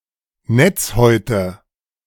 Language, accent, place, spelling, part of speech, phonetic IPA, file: German, Germany, Berlin, Netzhäute, noun, [ˈnɛt͡sˌhɔɪ̯tə], De-Netzhäute.ogg
- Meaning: nominative/accusative/genitive plural of Netzhaut